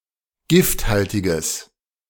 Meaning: strong/mixed nominative/accusative neuter singular of gifthaltig
- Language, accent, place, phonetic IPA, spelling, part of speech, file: German, Germany, Berlin, [ˈɡɪftˌhaltɪɡəs], gifthaltiges, adjective, De-gifthaltiges.ogg